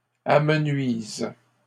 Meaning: inflection of amenuiser: 1. first/third-person singular present indicative/subjunctive 2. second-person singular imperative
- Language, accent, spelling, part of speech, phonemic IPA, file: French, Canada, amenuise, verb, /a.mə.nɥiz/, LL-Q150 (fra)-amenuise.wav